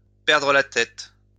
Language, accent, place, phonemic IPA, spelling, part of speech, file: French, France, Lyon, /pɛʁ.dʁə la tɛt/, perdre la tête, verb, LL-Q150 (fra)-perdre la tête.wav
- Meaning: to lose one's head, to take leave of one's senses, to lose one's mind